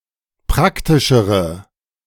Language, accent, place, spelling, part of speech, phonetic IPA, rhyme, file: German, Germany, Berlin, praktischere, adjective, [ˈpʁaktɪʃəʁə], -aktɪʃəʁə, De-praktischere.ogg
- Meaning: inflection of praktisch: 1. strong/mixed nominative/accusative feminine singular comparative degree 2. strong nominative/accusative plural comparative degree